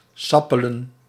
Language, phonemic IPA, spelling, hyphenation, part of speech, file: Dutch, /ˈsɑ.pə.lə(n)/, sappelen, sap‧pe‧len, verb, Nl-sappelen.ogg
- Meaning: to toil, to work hard